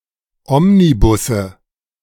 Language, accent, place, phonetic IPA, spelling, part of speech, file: German, Germany, Berlin, [ˈɔmniˌbʊsə], Omnibusse, noun, De-Omnibusse.ogg
- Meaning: 1. nominative/accusative/genitive plural of Omnibus 2. dative singular of Omnibus